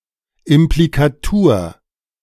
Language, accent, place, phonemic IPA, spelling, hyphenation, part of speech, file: German, Germany, Berlin, /ˌɪmplikaˈtuːɐ̯/, Implikatur, Imp‧li‧ka‧tur, noun, De-Implikatur.ogg
- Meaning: implicature